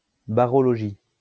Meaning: barology
- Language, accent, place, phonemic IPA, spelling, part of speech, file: French, France, Lyon, /ba.ʁɔ.lɔ.ʒi/, barologie, noun, LL-Q150 (fra)-barologie.wav